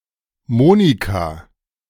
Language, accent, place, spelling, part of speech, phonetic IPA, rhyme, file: German, Germany, Berlin, Monika, proper noun, [ˈmoːnika], -oːnika, De-Monika.ogg
- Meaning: a female given name, very popular in Germany in the 1940's and the 1950's